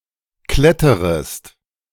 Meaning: second-person singular subjunctive I of klettern
- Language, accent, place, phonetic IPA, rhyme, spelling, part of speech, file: German, Germany, Berlin, [ˈklɛtəʁəst], -ɛtəʁəst, kletterest, verb, De-kletterest.ogg